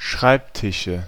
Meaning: nominative/accusative/genitive plural of Schreibtisch
- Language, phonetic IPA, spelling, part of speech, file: German, [ˈʃʁaɪ̯pˌtɪʃə], Schreibtische, noun, De-Schreibtische.ogg